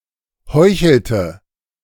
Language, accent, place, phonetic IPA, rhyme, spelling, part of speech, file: German, Germany, Berlin, [ˈhɔɪ̯çl̩tə], -ɔɪ̯çl̩tə, heuchelte, verb, De-heuchelte.ogg
- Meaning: inflection of heucheln: 1. first/third-person singular preterite 2. first/third-person singular subjunctive II